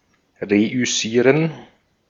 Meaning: to succeed
- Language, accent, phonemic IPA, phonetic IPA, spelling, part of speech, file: German, Austria, /ʁe.ʏˈsiːʁən/, [ˌʁeʔʏˈsiːɐ̯n], reüssieren, verb, De-at-reüssieren.ogg